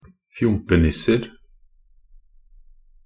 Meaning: indefinite plural of fjompenisse
- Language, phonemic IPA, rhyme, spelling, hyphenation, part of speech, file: Norwegian Bokmål, /ˈfjʊmpənɪsːər/, -ər, fjompenisser, fjom‧pe‧nis‧ser, noun, Nb-fjompenisser.ogg